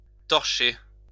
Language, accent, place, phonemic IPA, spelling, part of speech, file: French, France, Lyon, /tɔʁ.ʃe/, torcher, verb, LL-Q150 (fra)-torcher.wav
- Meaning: 1. to wipe with a cloth to remove dirt 2. to flare (to burn off excess gas at a petroleum drilling site) 3. to churn out 4. not to care, not to give a fuck 5. to be drunk